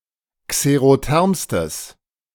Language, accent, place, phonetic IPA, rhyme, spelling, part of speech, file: German, Germany, Berlin, [kseʁoˈtɛʁmstəs], -ɛʁmstəs, xerothermstes, adjective, De-xerothermstes.ogg
- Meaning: strong/mixed nominative/accusative neuter singular superlative degree of xerotherm